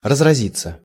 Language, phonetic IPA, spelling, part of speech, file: Russian, [rəzrɐˈzʲit͡sːə], разразиться, verb, Ru-разразиться.ogg
- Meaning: 1. to break out, to burst out 2. to burst (into), to burst (out) 3. passive of разрази́ть (razrazítʹ)